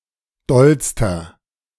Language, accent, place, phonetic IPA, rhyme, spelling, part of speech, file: German, Germany, Berlin, [ˈdɔlstɐ], -ɔlstɐ, dollster, adjective, De-dollster.ogg
- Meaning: inflection of doll: 1. strong/mixed nominative masculine singular superlative degree 2. strong genitive/dative feminine singular superlative degree 3. strong genitive plural superlative degree